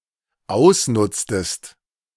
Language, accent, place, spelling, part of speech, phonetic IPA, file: German, Germany, Berlin, ausnutztest, verb, [ˈaʊ̯sˌnʊt͡stəst], De-ausnutztest.ogg
- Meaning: inflection of ausnutzen: 1. second-person singular dependent preterite 2. second-person singular dependent subjunctive II